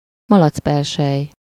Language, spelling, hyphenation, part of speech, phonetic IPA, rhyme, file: Hungarian, malacpersely, ma‧lac‧per‧sely, noun, [ˈmɒlɒt͡spɛrʃɛj], -ɛj, Hu-malacpersely.ogg
- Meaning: piggy bank